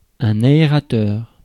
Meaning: 1. aerator 2. ventilator
- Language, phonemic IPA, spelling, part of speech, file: French, /a.e.ʁa.tœʁ/, aérateur, noun, Fr-aérateur.ogg